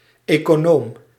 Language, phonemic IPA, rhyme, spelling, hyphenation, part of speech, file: Dutch, /ˌeː.koːˈnoːm/, -oːm, econoom, eco‧noom, noun, Nl-econoom.ogg
- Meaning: economist